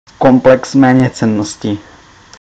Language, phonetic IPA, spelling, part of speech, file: Czech, [komplɛks mɛːɲɛt͡sɛnoscɪ], komplex méněcennosti, noun, Cs-komplex méněcennosti.ogg
- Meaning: inferiority complex